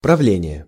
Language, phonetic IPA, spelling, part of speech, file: Russian, [prɐˈvlʲenʲɪje], правление, noun, Ru-правление.ogg
- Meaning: 1. governing, ruling (period of time when a monarch has been tooking his or her throne) 2. government, administration 3. board (committee), board of directors